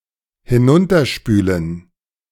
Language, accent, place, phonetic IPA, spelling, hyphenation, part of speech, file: German, Germany, Berlin, [hɪˈnʊntɐˌʃpyːlən], hinunterspülen, hi‧n‧un‧ter‧spü‧len, verb, De-hinunterspülen.ogg
- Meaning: to wash/flush down